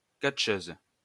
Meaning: female equivalent of catcheur
- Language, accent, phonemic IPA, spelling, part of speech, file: French, France, /kat.ʃøz/, catcheuse, noun, LL-Q150 (fra)-catcheuse.wav